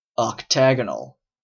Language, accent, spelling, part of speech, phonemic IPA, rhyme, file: English, Canada, octagonal, adjective, /ɑkˈtæɡənəl/, -æɡənəl, En-ca-octagonal.oga
- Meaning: Shaped like an octagon, in having eight sides and eight angles